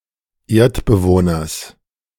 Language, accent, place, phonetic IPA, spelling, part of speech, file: German, Germany, Berlin, [ˈeːɐ̯tbəˌvoːnɐs], Erdbewohners, noun, De-Erdbewohners.ogg
- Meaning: genitive singular of Erdbewohner